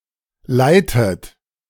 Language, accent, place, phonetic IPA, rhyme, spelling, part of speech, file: German, Germany, Berlin, [ˈlaɪ̯tət], -aɪ̯tət, leitet, verb, De-leitet.ogg
- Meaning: inflection of leiten: 1. third-person singular present 2. second-person plural present 3. second-person plural subjunctive I 4. plural imperative